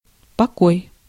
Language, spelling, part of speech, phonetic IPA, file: Russian, покой, noun, [pɐˈkoj], Ru-покой.ogg
- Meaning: 1. calm, rest, peace 2. quiet 3. old name of the letter п in the early Cyrillic alphabet 4. apartment, room, chamber